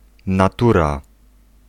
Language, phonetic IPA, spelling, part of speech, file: Polish, [naˈtura], natura, noun, Pl-natura.ogg